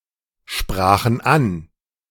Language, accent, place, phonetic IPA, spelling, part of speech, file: German, Germany, Berlin, [ˌʃpʁaːxn̩ ˈan], sprachen an, verb, De-sprachen an.ogg
- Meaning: first/third-person plural preterite of ansprechen